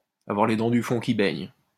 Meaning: to feel like one is going to throw up (usually because one has eaten too much and is stuffed to the gills)
- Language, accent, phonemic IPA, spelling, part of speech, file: French, France, /a.vwaʁ le dɑ̃ dy fɔ̃ ki bɛɲ/, avoir les dents du fond qui baignent, verb, LL-Q150 (fra)-avoir les dents du fond qui baignent.wav